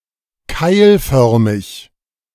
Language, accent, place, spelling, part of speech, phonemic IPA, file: German, Germany, Berlin, keilförmig, adjective, /ˈkaɪ̯lˌfœʁmɪç/, De-keilförmig.ogg
- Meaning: cuneiform, wedge-shaped, V-shaped